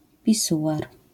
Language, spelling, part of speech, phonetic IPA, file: Polish, pisuar, noun, [pʲiˈsuʷar], LL-Q809 (pol)-pisuar.wav